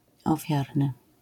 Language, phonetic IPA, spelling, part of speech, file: Polish, [ɔˈfʲjarnɨ], ofiarny, adjective, LL-Q809 (pol)-ofiarny.wav